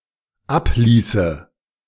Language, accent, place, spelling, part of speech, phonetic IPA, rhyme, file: German, Germany, Berlin, abließe, verb, [ˈapˌliːsə], -apliːsə, De-abließe.ogg
- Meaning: first/third-person singular dependent subjunctive II of ablassen